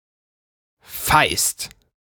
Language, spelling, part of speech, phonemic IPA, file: German, feist, adjective / verb, /faɪ̯st/, De-feist.ogg
- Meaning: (adjective) fat (usually of a person); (verb) second-person singular present of feien